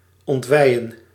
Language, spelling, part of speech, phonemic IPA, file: Dutch, ontweien, verb, /ˌɔntˈʋɛi̯.ə(n)/, Nl-ontweien.ogg
- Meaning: to disembowel